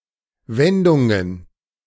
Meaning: plural of Wendung
- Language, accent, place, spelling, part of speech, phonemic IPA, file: German, Germany, Berlin, Wendungen, noun, /ˈvɛndʊŋən/, De-Wendungen.ogg